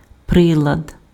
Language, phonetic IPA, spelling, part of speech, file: Ukrainian, [ˈprɪɫɐd], прилад, noun, Uk-прилад.ogg
- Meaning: device, instrument, apparatus (piece of technical equipment designed to perform a specific task)